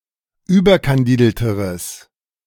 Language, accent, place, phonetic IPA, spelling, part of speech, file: German, Germany, Berlin, [ˈyːbɐkanˌdiːdl̩təʁəs], überkandidelteres, adjective, De-überkandidelteres.ogg
- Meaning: strong/mixed nominative/accusative neuter singular comparative degree of überkandidelt